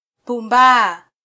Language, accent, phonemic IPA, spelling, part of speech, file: Swahili, Kenya, /puˈᵐbɑː/, pumbaa, verb, Sw-ke-pumbaa.flac
- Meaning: to be foolish, silly, weak-minded, careless, negligent